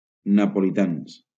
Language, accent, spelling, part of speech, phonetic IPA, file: Catalan, Valencia, napolitans, adjective / noun, [na.po.liˈtans], LL-Q7026 (cat)-napolitans.wav
- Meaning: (adjective) masculine plural of napolità